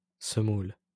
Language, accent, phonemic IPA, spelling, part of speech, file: French, France, /sə.mul/, semoule, noun, LL-Q150 (fra)-semoule.wav
- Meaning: semolina